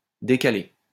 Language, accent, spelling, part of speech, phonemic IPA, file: French, France, décaler, verb, /de.ka.le/, LL-Q150 (fra)-décaler.wav
- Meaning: 1. to unload (a ship) 2. to bring forward, put back (a meeting etc.) 3. to stagger (a shift) 4. move aside 5. to set up 6. move, get to, come (here), go, get moving